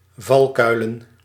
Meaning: plural of valkuil
- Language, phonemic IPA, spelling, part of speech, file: Dutch, /ˈvɑlkœylə(n)/, valkuilen, noun, Nl-valkuilen.ogg